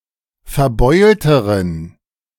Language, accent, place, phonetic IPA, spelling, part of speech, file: German, Germany, Berlin, [fɛɐ̯ˈbɔɪ̯ltəʁən], verbeulteren, adjective, De-verbeulteren.ogg
- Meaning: inflection of verbeult: 1. strong genitive masculine/neuter singular comparative degree 2. weak/mixed genitive/dative all-gender singular comparative degree